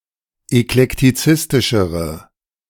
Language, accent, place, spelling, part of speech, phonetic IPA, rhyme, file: German, Germany, Berlin, eklektizistischere, adjective, [ɛklɛktiˈt͡sɪstɪʃəʁə], -ɪstɪʃəʁə, De-eklektizistischere.ogg
- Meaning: inflection of eklektizistisch: 1. strong/mixed nominative/accusative feminine singular comparative degree 2. strong nominative/accusative plural comparative degree